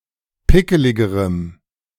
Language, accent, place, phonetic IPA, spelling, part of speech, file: German, Germany, Berlin, [ˈpɪkəlɪɡəʁəm], pickeligerem, adjective, De-pickeligerem.ogg
- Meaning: strong dative masculine/neuter singular comparative degree of pickelig